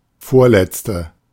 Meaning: second to last, next to last, last but one, penultimate
- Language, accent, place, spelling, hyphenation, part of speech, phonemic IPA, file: German, Germany, Berlin, vorletzte, vor‧letz‧te, adjective, /ˈfoːrˌlɛtstə/, De-vorletzte.ogg